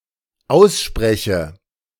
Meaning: inflection of aussprechen: 1. first-person singular dependent present 2. first/third-person singular dependent subjunctive I
- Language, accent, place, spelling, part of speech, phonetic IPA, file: German, Germany, Berlin, ausspreche, verb, [ˈaʊ̯sˌʃpʁɛçə], De-ausspreche.ogg